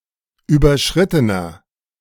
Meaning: inflection of überschritten: 1. strong/mixed nominative masculine singular 2. strong genitive/dative feminine singular 3. strong genitive plural
- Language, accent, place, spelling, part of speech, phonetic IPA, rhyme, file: German, Germany, Berlin, überschrittener, adjective, [ˌyːbɐˈʃʁɪtənɐ], -ɪtənɐ, De-überschrittener.ogg